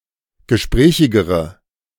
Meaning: inflection of gesprächig: 1. strong/mixed nominative/accusative feminine singular comparative degree 2. strong nominative/accusative plural comparative degree
- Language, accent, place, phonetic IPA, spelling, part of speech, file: German, Germany, Berlin, [ɡəˈʃpʁɛːçɪɡəʁə], gesprächigere, adjective, De-gesprächigere.ogg